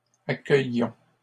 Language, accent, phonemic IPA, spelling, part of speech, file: French, Canada, /a.kœj.jɔ̃/, accueillions, verb, LL-Q150 (fra)-accueillions.wav
- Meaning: inflection of accueillir: 1. first-person plural imperfect indicative 2. first-person plural present subjunctive